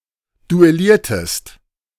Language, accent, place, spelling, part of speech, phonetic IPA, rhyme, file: German, Germany, Berlin, duelliertest, verb, [duɛˈliːɐ̯təst], -iːɐ̯təst, De-duelliertest.ogg
- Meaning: inflection of duellieren: 1. second-person singular preterite 2. second-person singular subjunctive II